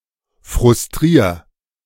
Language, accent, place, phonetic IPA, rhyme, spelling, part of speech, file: German, Germany, Berlin, [fʁʊsˈtʁiːɐ̯], -iːɐ̯, frustrier, verb, De-frustrier.ogg
- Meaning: 1. singular imperative of frustrieren 2. first-person singular present of frustrieren